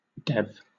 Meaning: 1. Clipping of developer 2. Clipping of development 3. Clipping of device
- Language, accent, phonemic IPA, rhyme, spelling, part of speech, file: English, Southern England, /dɛv/, -ɛv, dev, noun, LL-Q1860 (eng)-dev.wav